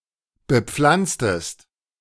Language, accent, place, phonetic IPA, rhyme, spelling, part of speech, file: German, Germany, Berlin, [bəˈp͡flant͡stəst], -ant͡stəst, bepflanztest, verb, De-bepflanztest.ogg
- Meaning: inflection of bepflanzen: 1. second-person singular preterite 2. second-person singular subjunctive II